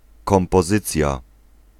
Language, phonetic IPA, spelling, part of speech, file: Polish, [ˌkɔ̃mpɔˈzɨt͡sʲja], kompozycja, noun, Pl-kompozycja.ogg